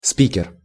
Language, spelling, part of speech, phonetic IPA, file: Russian, спикер, noun, [ˈspʲikʲɪr], Ru-спикер.ogg
- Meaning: 1. speaker (presiding officer in a legislative assembly) 2. loudspeaker